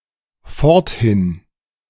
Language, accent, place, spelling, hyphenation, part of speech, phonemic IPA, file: German, Germany, Berlin, forthin, fort‧hin, adverb, /ˈfɔʁtˌhɪn/, De-forthin.ogg
- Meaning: from then on